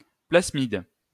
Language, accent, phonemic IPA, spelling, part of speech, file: French, France, /plas.mid/, plasmide, noun, LL-Q150 (fra)-plasmide.wav
- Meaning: plasmid (circle of double-stranded DNA that is separate from the chromosomes)